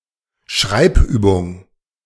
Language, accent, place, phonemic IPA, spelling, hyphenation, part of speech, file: German, Germany, Berlin, /ˈʃʁaɪ̯b.ˌyːbʊŋ/, Schreibübung, Schreib‧übung, noun, De-Schreibübung.ogg
- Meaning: writing exercise